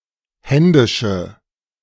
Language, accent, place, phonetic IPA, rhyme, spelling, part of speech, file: German, Germany, Berlin, [ˈhɛndɪʃə], -ɛndɪʃə, händische, adjective, De-händische.ogg
- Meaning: inflection of händisch: 1. strong/mixed nominative/accusative feminine singular 2. strong nominative/accusative plural 3. weak nominative all-gender singular